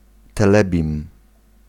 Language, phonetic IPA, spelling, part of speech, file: Polish, [tɛˈlɛbʲĩm], telebim, noun, Pl-telebim.ogg